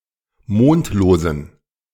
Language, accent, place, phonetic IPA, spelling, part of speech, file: German, Germany, Berlin, [ˈmoːntloːzn̩], mondlosen, adjective, De-mondlosen.ogg
- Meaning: inflection of mondlos: 1. strong genitive masculine/neuter singular 2. weak/mixed genitive/dative all-gender singular 3. strong/weak/mixed accusative masculine singular 4. strong dative plural